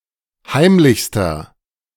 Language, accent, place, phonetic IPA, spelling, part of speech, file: German, Germany, Berlin, [ˈhaɪ̯mlɪçstɐ], heimlichster, adjective, De-heimlichster.ogg
- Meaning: inflection of heimlich: 1. strong/mixed nominative masculine singular superlative degree 2. strong genitive/dative feminine singular superlative degree 3. strong genitive plural superlative degree